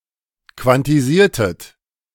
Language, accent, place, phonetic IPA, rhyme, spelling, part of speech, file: German, Germany, Berlin, [kvantiˈziːɐ̯tət], -iːɐ̯tət, quantisiertet, verb, De-quantisiertet.ogg
- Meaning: inflection of quantisieren: 1. second-person plural preterite 2. second-person plural subjunctive II